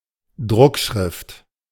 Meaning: 1. print (blockletters) 2. printed document, booklet, brochure
- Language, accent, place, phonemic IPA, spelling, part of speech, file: German, Germany, Berlin, /ˈdʁʊkˌʃʁɪft/, Druckschrift, noun, De-Druckschrift.ogg